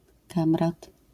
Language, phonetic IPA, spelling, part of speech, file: Polish, [ˈkãmrat], kamrat, noun, LL-Q809 (pol)-kamrat.wav